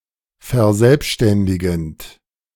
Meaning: present participle of verselbständigen
- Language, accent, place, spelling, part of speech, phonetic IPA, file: German, Germany, Berlin, verselbständigend, verb, [fɛɐ̯ˈzɛlpʃtɛndɪɡn̩t], De-verselbständigend.ogg